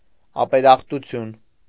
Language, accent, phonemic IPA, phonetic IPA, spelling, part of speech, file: Armenian, Eastern Armenian, /ɑpeɾɑχtuˈtʰjun/, [ɑpeɾɑχtut͡sʰjún], ապերախտություն, noun, Hy-ապերախտություն.ogg
- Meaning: ungratefulness, ingratitude, thanklessness